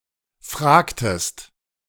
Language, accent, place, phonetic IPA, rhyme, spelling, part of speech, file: German, Germany, Berlin, [ˈfʁaːktəst], -aːktəst, fragtest, verb, De-fragtest.ogg
- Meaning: inflection of fragen: 1. second-person singular preterite 2. second-person singular subjunctive II